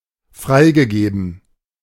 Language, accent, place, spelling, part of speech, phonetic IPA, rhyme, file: German, Germany, Berlin, freigegeben, verb, [ˈfʁaɪ̯ɡəˌɡeːbn̩], -aɪ̯ɡəɡeːbn̩, De-freigegeben.ogg
- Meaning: past participle of freigeben